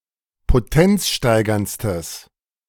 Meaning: strong/mixed nominative/accusative neuter singular superlative degree of potenzsteigernd
- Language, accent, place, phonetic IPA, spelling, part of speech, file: German, Germany, Berlin, [poˈtɛnt͡sˌʃtaɪ̯ɡɐnt͡stəs], potenzsteigerndstes, adjective, De-potenzsteigerndstes.ogg